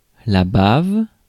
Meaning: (noun) spittle, drool, dribble, slobber; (verb) inflection of baver: 1. first/third-person singular present indicative/subjunctive 2. second-person singular imperative
- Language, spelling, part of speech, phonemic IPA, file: French, bave, noun / verb, /bav/, Fr-bave.ogg